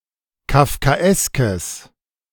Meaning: strong/mixed nominative/accusative neuter singular of kafkaesk
- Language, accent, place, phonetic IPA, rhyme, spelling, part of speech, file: German, Germany, Berlin, [kafkaˈʔɛskəs], -ɛskəs, kafkaeskes, adjective, De-kafkaeskes.ogg